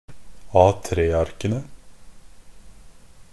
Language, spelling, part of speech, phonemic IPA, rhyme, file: Norwegian Bokmål, A3-arkene, noun, /ˈɑːtɾeːaɾkənə/, -ənə, NB - Pronunciation of Norwegian Bokmål «A3-arkene».ogg
- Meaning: definite plural of A3-ark